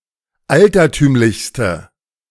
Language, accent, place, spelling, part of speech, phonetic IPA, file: German, Germany, Berlin, altertümlichste, adjective, [ˈaltɐˌtyːmlɪçstə], De-altertümlichste.ogg
- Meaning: inflection of altertümlich: 1. strong/mixed nominative/accusative feminine singular superlative degree 2. strong nominative/accusative plural superlative degree